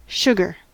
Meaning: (noun) 1. A food consisting of small, sweet crystals, principally of sucrose, obtained from sugar cane or sugar beet and used as sweetener and preservative 2. Any specific variety of sugar
- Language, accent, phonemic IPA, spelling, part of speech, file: English, US, /ˈʃʊɡɚ/, sugar, noun / verb / interjection, En-us-sugar.ogg